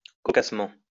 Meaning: amusingly, comically, funnily
- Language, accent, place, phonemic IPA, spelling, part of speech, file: French, France, Lyon, /kɔ.kas.mɑ̃/, cocassement, adverb, LL-Q150 (fra)-cocassement.wav